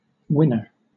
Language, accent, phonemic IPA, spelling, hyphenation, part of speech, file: English, Southern England, /ˈwɪnə/, winner, win‧ner, noun, LL-Q1860 (eng)-winner.wav
- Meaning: 1. One who has won or often wins 2. A point or goal that wins a competition